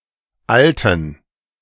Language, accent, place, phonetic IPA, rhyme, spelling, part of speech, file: German, Germany, Berlin, [ˈaltn̩], -altn̩, Alten, noun, De-Alten.ogg
- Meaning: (proper noun) a surname; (noun) inflection of Alter: 1. strong genitive/accusative singular 2. strong dative plural 3. weak/mixed genitive/dative/accusative singular 4. weak/mixed all-case plural